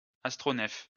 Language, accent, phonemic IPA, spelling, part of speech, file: French, France, /as.tʁo.nɛf/, astronef, noun, LL-Q150 (fra)-astronef.wav
- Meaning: 1. spaceship, spacecraft 2. spaceship, spacecraft: starship